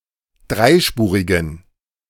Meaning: inflection of dreispurig: 1. strong genitive masculine/neuter singular 2. weak/mixed genitive/dative all-gender singular 3. strong/weak/mixed accusative masculine singular 4. strong dative plural
- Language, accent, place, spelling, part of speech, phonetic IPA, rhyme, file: German, Germany, Berlin, dreispurigen, adjective, [ˈdʁaɪ̯ˌʃpuːʁɪɡn̩], -aɪ̯ʃpuːʁɪɡn̩, De-dreispurigen.ogg